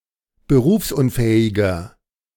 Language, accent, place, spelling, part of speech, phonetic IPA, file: German, Germany, Berlin, berufsunfähiger, adjective, [bəˈʁuːfsʔʊnˌfɛːɪɡɐ], De-berufsunfähiger.ogg
- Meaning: 1. comparative degree of berufsunfähig 2. inflection of berufsunfähig: strong/mixed nominative masculine singular 3. inflection of berufsunfähig: strong genitive/dative feminine singular